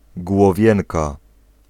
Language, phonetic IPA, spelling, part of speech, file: Polish, [ɡwɔˈvʲjɛ̃nka], głowienka, noun, Pl-głowienka.ogg